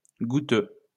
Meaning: gouty
- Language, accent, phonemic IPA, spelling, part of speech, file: French, France, /ɡu.tø/, goutteux, adjective, LL-Q150 (fra)-goutteux.wav